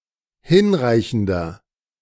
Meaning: inflection of hinreichend: 1. strong/mixed nominative masculine singular 2. strong genitive/dative feminine singular 3. strong genitive plural
- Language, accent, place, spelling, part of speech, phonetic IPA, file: German, Germany, Berlin, hinreichender, adjective, [ˈhɪnˌʁaɪ̯çn̩dɐ], De-hinreichender.ogg